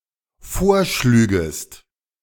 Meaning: second-person singular dependent subjunctive II of vorschlagen
- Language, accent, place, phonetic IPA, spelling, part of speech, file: German, Germany, Berlin, [ˈfoːɐ̯ˌʃlyːɡəst], vorschlügest, verb, De-vorschlügest.ogg